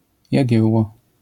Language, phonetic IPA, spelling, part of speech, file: Polish, [jäˈɟɛwːɔ], Jagiełło, proper noun, LL-Q809 (pol)-Jagiełło.wav